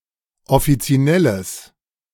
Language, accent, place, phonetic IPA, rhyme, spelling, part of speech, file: German, Germany, Berlin, [ɔfit͡siˈnɛləs], -ɛləs, offizinelles, adjective, De-offizinelles.ogg
- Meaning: strong/mixed nominative/accusative neuter singular of offizinell